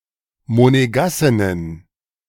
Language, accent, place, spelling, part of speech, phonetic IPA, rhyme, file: German, Germany, Berlin, Monegassinnen, noun, [moneˈɡasɪnən], -asɪnən, De-Monegassinnen.ogg
- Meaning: plural of Monegassin